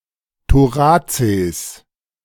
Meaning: plural of Thorax
- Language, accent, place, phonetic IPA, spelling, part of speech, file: German, Germany, Berlin, [toˈʁaːt͡seːs], Thoraces, noun, De-Thoraces.ogg